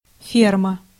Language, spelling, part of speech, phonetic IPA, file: Russian, ферма, noun, [ˈfʲermə], Ru-ферма.ogg
- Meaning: 1. farm 2. girder, rib, truss